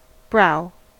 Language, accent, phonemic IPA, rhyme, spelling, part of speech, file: English, General American, /bɹaʊ/, -aʊ, brow, noun / verb, En-us-brow.ogg
- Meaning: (noun) 1. The bony ridge over the eyes, upon which the eyebrows are located 2. The eyebrow 3. The forehead 4. Aspect; appearance; facial expression